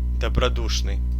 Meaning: good-natured
- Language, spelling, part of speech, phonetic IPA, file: Russian, добродушный, adjective, [dəbrɐˈduʂnɨj], Ru-добродушный.ogg